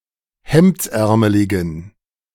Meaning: inflection of hemdsärmelig: 1. strong genitive masculine/neuter singular 2. weak/mixed genitive/dative all-gender singular 3. strong/weak/mixed accusative masculine singular 4. strong dative plural
- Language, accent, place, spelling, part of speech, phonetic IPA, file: German, Germany, Berlin, hemdsärmeligen, adjective, [ˈhɛmt͡sˌʔɛʁməlɪɡn̩], De-hemdsärmeligen.ogg